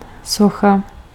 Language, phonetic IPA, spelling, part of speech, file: Czech, [ˈsoxa], socha, noun, Cs-socha.ogg
- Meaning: 1. statue 2. sculpture (work of art)